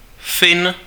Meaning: Finn
- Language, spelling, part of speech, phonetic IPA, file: Czech, Fin, noun, [ˈfɪn], Cs-Fin.ogg